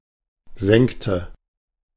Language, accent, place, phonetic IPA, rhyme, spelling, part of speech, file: German, Germany, Berlin, [ˈzɛŋktə], -ɛŋktə, senkte, verb, De-senkte.ogg
- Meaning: inflection of senken: 1. first/third-person singular preterite 2. first/third-person singular subjunctive II